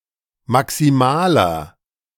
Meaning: inflection of maximal: 1. strong/mixed nominative masculine singular 2. strong genitive/dative feminine singular 3. strong genitive plural
- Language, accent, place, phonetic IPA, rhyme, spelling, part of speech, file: German, Germany, Berlin, [maksiˈmaːlɐ], -aːlɐ, maximaler, adjective, De-maximaler.ogg